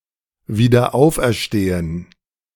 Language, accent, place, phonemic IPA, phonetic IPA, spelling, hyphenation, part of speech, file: German, Germany, Berlin, /viːdəʁˈ(ʔ)aʊ̯f.(ʔ)ɛʁˌʃteːən/, [viːdɐˈ(ʔ)aʊ̯f.(ʔ)ɛɐ̯ˌʃteːn̩], wiederauferstehen, wie‧der‧auf‧er‧ste‧hen, verb, De-wiederauferstehen.ogg
- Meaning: to be resurrected, to rise from the dead, to be back